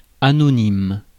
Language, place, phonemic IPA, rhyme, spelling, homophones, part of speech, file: French, Paris, /a.nɔ.nim/, -im, anonyme, anonymes, adjective / noun, Fr-anonyme.ogg
- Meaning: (adjective) anonymous; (noun) anonym